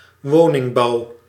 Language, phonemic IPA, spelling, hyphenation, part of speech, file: Dutch, /ˈʋoː.nɪŋˌbɑu̯/, woningbouw, wo‧ning‧bouw, noun, Nl-woningbouw.ogg
- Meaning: residential construction, construction of housing